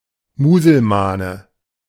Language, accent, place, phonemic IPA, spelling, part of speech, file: German, Germany, Berlin, /muːzəlˈmaːnə/, Muselmane, noun, De-Muselmane.ogg
- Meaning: alternative form of Muselman